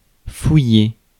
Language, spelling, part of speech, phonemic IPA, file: French, fouiller, verb, /fu.je/, Fr-fouiller.ogg
- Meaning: 1. to search (place, thing) 2. to search, frisk (person) 3. to go into, investigate (question, issue) 4. to rummage, delve (dans in) 5. to go through one's pockets 6. to dig